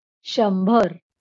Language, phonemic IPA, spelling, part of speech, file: Marathi, /ɕəm.bʱəɾ/, शंभर, numeral, LL-Q1571 (mar)-शंभर.wav
- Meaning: hundred